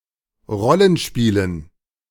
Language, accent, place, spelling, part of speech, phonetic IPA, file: German, Germany, Berlin, Rollenspielen, noun, [ˈʁɔlənˌʃpiːlən], De-Rollenspielen.ogg
- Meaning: dative plural of Rollenspiel